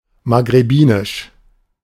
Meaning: Maghrebi
- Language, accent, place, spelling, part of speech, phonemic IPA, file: German, Germany, Berlin, maghrebinisch, adjective, /ˌmaːɡʁeˈbiːnɪʃ/, De-maghrebinisch.ogg